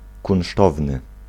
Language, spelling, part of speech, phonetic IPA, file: Polish, kunsztowny, adjective, [kũw̃ˈʃtɔvnɨ], Pl-kunsztowny.ogg